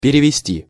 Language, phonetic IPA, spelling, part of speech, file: Russian, [pʲɪrʲɪvʲɪˈsʲtʲi], перевезти, verb, Ru-перевезти.ogg
- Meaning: 1. to transport, to carry, to remove, to move 2. to take across, to put across